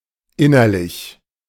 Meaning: internal, inward
- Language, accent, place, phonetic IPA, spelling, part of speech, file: German, Germany, Berlin, [ˈɪnɐlɪç], innerlich, adjective, De-innerlich.ogg